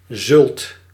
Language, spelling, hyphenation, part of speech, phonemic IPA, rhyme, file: Dutch, zult, zult, verb / noun, /zʏlt/, -ʏlt, Nl-zult.ogg
- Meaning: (verb) second-person singular present indicative of zullen; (noun) brawn, head cheese